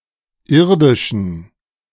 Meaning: inflection of irdisch: 1. strong genitive masculine/neuter singular 2. weak/mixed genitive/dative all-gender singular 3. strong/weak/mixed accusative masculine singular 4. strong dative plural
- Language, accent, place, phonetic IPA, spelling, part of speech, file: German, Germany, Berlin, [ˈɪʁdɪʃn̩], irdischen, adjective, De-irdischen.ogg